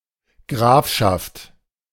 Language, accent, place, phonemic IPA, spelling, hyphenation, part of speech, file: German, Germany, Berlin, /ˈɡʁaːfʃaft/, Grafschaft, Graf‧schaft, noun, De-Grafschaft.ogg
- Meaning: county (land ruled by a count or countess)